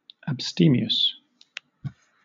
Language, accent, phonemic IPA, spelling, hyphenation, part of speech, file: English, Southern England, /æbˈstiː.mɪ.əs/, abstemious, abs‧te‧mi‧ous, adjective, LL-Q1860 (eng)-abstemious.wav
- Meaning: 1. Refraining from freely consuming food or strong drink; sparing in diet; abstinent, temperate 2. Sparing in the indulgence of the appetite or passions